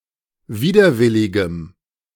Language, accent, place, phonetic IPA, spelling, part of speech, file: German, Germany, Berlin, [ˈviːdɐˌvɪlɪɡəm], widerwilligem, adjective, De-widerwilligem.ogg
- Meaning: strong dative masculine/neuter singular of widerwillig